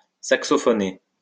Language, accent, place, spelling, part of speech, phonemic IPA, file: French, France, Lyon, saxophoner, verb, /sak.sɔ.fɔ.ne/, LL-Q150 (fra)-saxophoner.wav
- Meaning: to play the saxophone